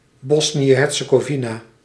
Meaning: Bosnia and Herzegovina (a country on the Balkan Peninsula in Southeastern Europe)
- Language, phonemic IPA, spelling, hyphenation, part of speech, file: Dutch, /ˈbɔs.ni.ə ɛn ˌɦɛr.tsə.ɡoːˈvi.naː/, Bosnië en Herzegovina, Bosnië en Herzegovina, proper noun, Nl-Bosnië en Herzegovina.ogg